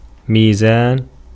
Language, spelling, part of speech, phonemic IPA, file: Arabic, ميزان, noun, /miː.zaːn/, Ar-ميزان.ogg
- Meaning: 1. balance 2. scales 3. weight 4. measure, poetic meter 5. rule, method 6. justice, equity, fairness, impartiality 7. Libra 8. sundial